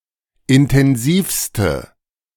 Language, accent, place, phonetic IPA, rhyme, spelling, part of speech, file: German, Germany, Berlin, [ɪntɛnˈziːfstə], -iːfstə, intensivste, adjective, De-intensivste.ogg
- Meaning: inflection of intensiv: 1. strong/mixed nominative/accusative feminine singular superlative degree 2. strong nominative/accusative plural superlative degree